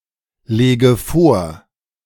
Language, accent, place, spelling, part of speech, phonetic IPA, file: German, Germany, Berlin, lege vor, verb, [ˌleːɡə ˈfoːɐ̯], De-lege vor.ogg
- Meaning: inflection of vorlegen: 1. first-person singular present 2. first/third-person singular subjunctive I 3. singular imperative